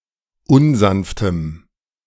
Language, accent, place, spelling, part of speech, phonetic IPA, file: German, Germany, Berlin, unsanftem, adjective, [ˈʊnˌzanftəm], De-unsanftem.ogg
- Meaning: strong dative masculine/neuter singular of unsanft